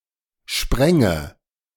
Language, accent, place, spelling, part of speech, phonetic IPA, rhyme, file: German, Germany, Berlin, spränge, verb, [ˈʃpʁɛŋə], -ɛŋə, De-spränge.ogg
- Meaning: first/third-person singular subjunctive II of springen